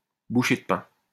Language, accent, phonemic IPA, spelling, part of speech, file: French, France, /bu.ʃe d(ə) pɛ̃/, bouchée de pain, noun, LL-Q150 (fra)-bouchée de pain.wav
- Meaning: very low price